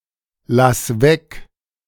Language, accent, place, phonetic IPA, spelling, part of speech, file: German, Germany, Berlin, [ˌlas ˈvɛk], lass weg, verb, De-lass weg.ogg
- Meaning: singular imperative of weglassen